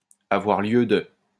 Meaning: have reason to
- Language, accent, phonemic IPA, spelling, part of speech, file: French, France, /a.vwaʁ ljø də/, avoir lieu de, verb, LL-Q150 (fra)-avoir lieu de.wav